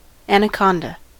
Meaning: Any large nonvenomous snake of the genus Eunectes, found mainly in northern South America
- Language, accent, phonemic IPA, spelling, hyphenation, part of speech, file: English, US, /ˌænəˈkɑndə/, anaconda, an‧a‧con‧da, noun, En-us-anaconda.ogg